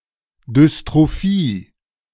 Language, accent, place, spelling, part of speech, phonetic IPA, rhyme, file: German, Germany, Berlin, Dystrophie, noun, [dʏstʁoˈfiː], -iː, De-Dystrophie.ogg
- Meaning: dystrophy